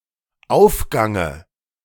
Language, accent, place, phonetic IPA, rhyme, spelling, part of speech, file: German, Germany, Berlin, [ˈaʊ̯fˌɡaŋə], -aʊ̯fɡaŋə, Aufgange, noun, De-Aufgange.ogg
- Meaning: dative of Aufgang